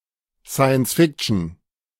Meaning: alternative spelling of Science-Fiction
- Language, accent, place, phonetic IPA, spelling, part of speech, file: German, Germany, Berlin, [ˈsaiənsˈfikʃn̩], Sciencefiction, noun, De-Sciencefiction.ogg